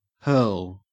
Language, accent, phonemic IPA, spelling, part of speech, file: English, Australia, /hɜːl/, hurl, verb / noun, En-au-hurl.ogg
- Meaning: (verb) 1. To throw (something) with force 2. To utter (harsh or derogatory speech), especially at its target 3. To participate in the sport of hurling 4. To vomit 5. To twist or turn